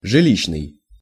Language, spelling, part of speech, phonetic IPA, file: Russian, жилищный, adjective, [ʐɨˈlʲiɕːnɨj], Ru-жилищный.ogg
- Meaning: housing